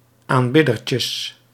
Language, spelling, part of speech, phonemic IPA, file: Dutch, aanbiddertjes, noun, /amˈbɪdərcəs/, Nl-aanbiddertjes.ogg
- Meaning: plural of aanbiddertje